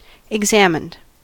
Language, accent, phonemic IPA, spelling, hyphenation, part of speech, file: English, US, /ɪɡˈzæmɪnd/, examined, ex‧am‧ined, verb, En-us-examined.ogg
- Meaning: simple past and past participle of examine